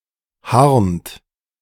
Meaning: inflection of harnen: 1. second-person plural present 2. third-person singular present 3. plural imperative
- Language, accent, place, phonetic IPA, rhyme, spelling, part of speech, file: German, Germany, Berlin, [haʁnt], -aʁnt, harnt, verb, De-harnt.ogg